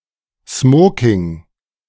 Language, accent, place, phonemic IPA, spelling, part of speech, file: German, Germany, Berlin, /ˈsmoːkɪŋ/, Smoking, noun, De-Smoking.ogg
- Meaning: tuxedo, dinner jacket